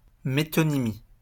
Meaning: metonymy (use of a single characteristic or part of an object, concept or phenomenon to identify the entire object, concept, phenomenon or a related object)
- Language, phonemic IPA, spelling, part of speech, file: French, /me.tɔ.ni.mi/, métonymie, noun, LL-Q150 (fra)-métonymie.wav